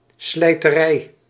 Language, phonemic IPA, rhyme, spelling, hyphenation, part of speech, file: Dutch, /slɛi̯təˈrɛi̯/, -ɛi̯, slijterij, slij‧te‧rij, noun, Nl-slijterij.ogg
- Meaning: liquor store